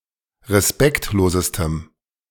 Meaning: strong dative masculine/neuter singular superlative degree of respektlos
- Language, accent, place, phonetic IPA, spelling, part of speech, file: German, Germany, Berlin, [ʁeˈspɛktloːzəstəm], respektlosestem, adjective, De-respektlosestem.ogg